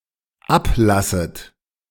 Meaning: second-person plural dependent subjunctive I of ablassen
- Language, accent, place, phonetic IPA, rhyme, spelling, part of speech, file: German, Germany, Berlin, [ˈapˌlasət], -aplasət, ablasset, verb, De-ablasset.ogg